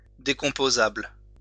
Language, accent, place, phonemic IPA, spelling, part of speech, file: French, France, Lyon, /de.kɔ̃.po.zabl/, décomposable, adjective, LL-Q150 (fra)-décomposable.wav
- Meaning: decomposable